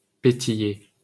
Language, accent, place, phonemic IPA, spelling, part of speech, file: French, France, Paris, /pe.ti.je/, pétiller, verb, LL-Q150 (fra)-pétiller.wav
- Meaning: 1. to fizz, to be fizzy, bubble, bubble up 2. to crackle 3. to sparkle, twinkle, flutter